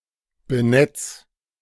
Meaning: 1. singular imperative of benetzen 2. first-person singular present of benetzen
- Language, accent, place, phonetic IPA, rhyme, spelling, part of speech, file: German, Germany, Berlin, [bəˈnɛt͡s], -ɛt͡s, benetz, verb, De-benetz.ogg